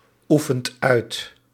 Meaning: inflection of uitoefenen: 1. second/third-person singular present indicative 2. plural imperative
- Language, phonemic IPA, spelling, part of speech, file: Dutch, /ˈufənt ˈœyt/, oefent uit, verb, Nl-oefent uit.ogg